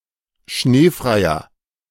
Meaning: inflection of schneefrei: 1. strong/mixed nominative masculine singular 2. strong genitive/dative feminine singular 3. strong genitive plural
- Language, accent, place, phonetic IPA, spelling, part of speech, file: German, Germany, Berlin, [ˈʃneːfʁaɪ̯ɐ], schneefreier, adjective, De-schneefreier.ogg